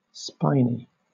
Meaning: 1. Covered in spines or thorns 2. Troublesome; difficult or vexing 3. Like a spine in shape; slender
- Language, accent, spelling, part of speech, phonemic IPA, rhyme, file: English, Southern England, spiny, adjective, /ˈspaɪni/, -aɪni, LL-Q1860 (eng)-spiny.wav